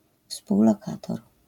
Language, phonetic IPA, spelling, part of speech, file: Polish, [ˌfspuwlɔˈkatɔr], współlokator, noun, LL-Q809 (pol)-współlokator.wav